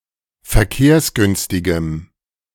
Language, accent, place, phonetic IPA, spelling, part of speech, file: German, Germany, Berlin, [fɛɐ̯ˈkeːɐ̯sˌɡʏnstɪɡəm], verkehrsgünstigem, adjective, De-verkehrsgünstigem.ogg
- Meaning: strong dative masculine/neuter singular of verkehrsgünstig